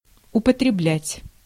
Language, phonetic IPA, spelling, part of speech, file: Russian, [ʊpətrʲɪˈblʲætʲ], употреблять, verb, Ru-употреблять.ogg
- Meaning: to use, to apply, to consume